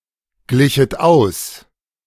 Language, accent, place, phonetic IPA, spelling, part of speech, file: German, Germany, Berlin, [ˌɡlɪçət ˈaʊ̯s], glichet aus, verb, De-glichet aus.ogg
- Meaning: second-person plural subjunctive II of ausgleichen